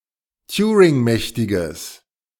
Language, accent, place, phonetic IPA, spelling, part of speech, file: German, Germany, Berlin, [ˈtjuːʁɪŋˌmɛçtɪɡəs], turingmächtiges, adjective, De-turingmächtiges.ogg
- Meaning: strong/mixed nominative/accusative neuter singular of turingmächtig